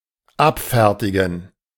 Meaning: 1. to make ready for dispatch 2. to serve (e.g. a customer)
- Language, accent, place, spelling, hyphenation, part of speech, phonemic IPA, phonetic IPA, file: German, Germany, Berlin, abfertigen, ab‧fer‧ti‧gen, verb, /ˈapˌfɛʁtiɡən/, [ˈʔapˌfɛɐ̯tʰiɡŋ̍], De-abfertigen.ogg